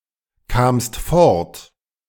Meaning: second-person singular preterite of fortkommen
- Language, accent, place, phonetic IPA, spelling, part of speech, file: German, Germany, Berlin, [ˌkaːmst ˈfɔʁt], kamst fort, verb, De-kamst fort.ogg